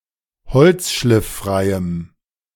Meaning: strong dative masculine/neuter singular of holzschlifffrei
- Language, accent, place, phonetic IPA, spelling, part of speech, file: German, Germany, Berlin, [ˈhɔlt͡sʃlɪfˌfʁaɪ̯əm], holzschlifffreiem, adjective, De-holzschlifffreiem.ogg